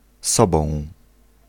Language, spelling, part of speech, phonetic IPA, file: Polish, sobą, pronoun, [ˈsɔbɔ̃w̃], Pl-sobą.ogg